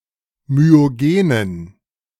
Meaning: inflection of myogen: 1. strong genitive masculine/neuter singular 2. weak/mixed genitive/dative all-gender singular 3. strong/weak/mixed accusative masculine singular 4. strong dative plural
- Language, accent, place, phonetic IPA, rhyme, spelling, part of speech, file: German, Germany, Berlin, [myoˈɡeːnən], -eːnən, myogenen, adjective, De-myogenen.ogg